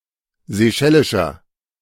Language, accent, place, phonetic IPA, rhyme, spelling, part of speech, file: German, Germany, Berlin, [zeˈʃɛlɪʃɐ], -ɛlɪʃɐ, seychellischer, adjective, De-seychellischer.ogg
- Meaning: inflection of seychellisch: 1. strong/mixed nominative masculine singular 2. strong genitive/dative feminine singular 3. strong genitive plural